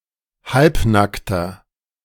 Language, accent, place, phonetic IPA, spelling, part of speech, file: German, Germany, Berlin, [ˈhalpˌnaktɐ], halbnackter, adjective, De-halbnackter.ogg
- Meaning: inflection of halbnackt: 1. strong/mixed nominative masculine singular 2. strong genitive/dative feminine singular 3. strong genitive plural